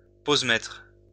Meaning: exposure meter
- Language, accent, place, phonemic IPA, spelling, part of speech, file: French, France, Lyon, /poz.mɛtʁ/, posemètre, noun, LL-Q150 (fra)-posemètre.wav